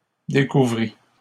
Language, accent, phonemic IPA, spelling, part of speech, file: French, Canada, /de.ku.vʁi/, découvrit, verb, LL-Q150 (fra)-découvrit.wav
- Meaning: third-person singular past historic of découvrir